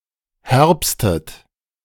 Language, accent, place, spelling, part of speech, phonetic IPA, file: German, Germany, Berlin, herbstet, verb, [ˈhɛʁpstət], De-herbstet.ogg
- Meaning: inflection of herbsten: 1. second-person plural present 2. second-person plural subjunctive I 3. third-person singular present 4. plural imperative